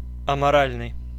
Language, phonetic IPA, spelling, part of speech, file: Russian, [ɐmɐˈralʲnɨj], аморальный, adjective, Ru-аморальный.oga
- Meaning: 1. amoral 2. immoral